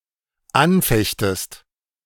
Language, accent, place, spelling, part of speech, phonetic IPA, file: German, Germany, Berlin, anfechtest, verb, [ˈanˌfɛçtəst], De-anfechtest.ogg
- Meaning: second-person singular dependent subjunctive I of anfechten